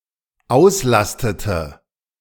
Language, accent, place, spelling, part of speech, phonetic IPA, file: German, Germany, Berlin, auslastete, verb, [ˈaʊ̯sˌlastətə], De-auslastete.ogg
- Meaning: inflection of auslasten: 1. first/third-person singular dependent preterite 2. first/third-person singular dependent subjunctive II